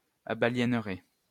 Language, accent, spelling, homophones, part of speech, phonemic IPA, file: French, France, abaliénerai, abaliénerez, verb, /a.ba.ljɛn.ʁe/, LL-Q150 (fra)-abaliénerai.wav
- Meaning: first-person singular simple future of abaliéner